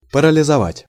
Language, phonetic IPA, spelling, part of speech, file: Russian, [pərəlʲɪzɐˈvatʲ], парализовать, verb, Ru-парализовать.ogg
- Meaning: 1. to paralyze, to palsy 2. to petrify 3. to paralyze